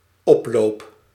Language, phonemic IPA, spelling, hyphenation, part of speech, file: Dutch, /ˈɔp.loːp/, oploop, op‧loop, noun / verb, Nl-oploop.ogg
- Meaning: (noun) a more or less spontaneous gathering at some location, often implying protest or a riotous atmosphere; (verb) first-person singular dependent-clause present indicative of oplopen